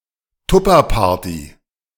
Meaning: Tupperware party
- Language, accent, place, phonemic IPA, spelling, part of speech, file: German, Germany, Berlin, /ˈtʊpɐˌpaːɐ̯ti/, Tupperparty, noun, De-Tupperparty.ogg